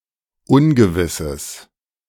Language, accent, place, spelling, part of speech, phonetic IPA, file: German, Germany, Berlin, ungewisses, adjective, [ˈʊnɡəvɪsəs], De-ungewisses.ogg
- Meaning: strong/mixed nominative/accusative neuter singular of ungewiss